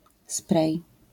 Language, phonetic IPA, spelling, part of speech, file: Polish, [sprɛj], spray, noun, LL-Q809 (pol)-spray.wav